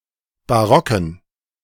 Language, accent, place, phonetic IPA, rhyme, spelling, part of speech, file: German, Germany, Berlin, [baˈʁɔkn̩], -ɔkn̩, barocken, adjective, De-barocken.ogg
- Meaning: inflection of barock: 1. strong genitive masculine/neuter singular 2. weak/mixed genitive/dative all-gender singular 3. strong/weak/mixed accusative masculine singular 4. strong dative plural